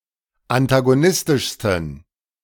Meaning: 1. superlative degree of antagonistisch 2. inflection of antagonistisch: strong genitive masculine/neuter singular superlative degree
- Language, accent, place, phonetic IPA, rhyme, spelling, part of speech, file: German, Germany, Berlin, [antaɡoˈnɪstɪʃstn̩], -ɪstɪʃstn̩, antagonistischsten, adjective, De-antagonistischsten.ogg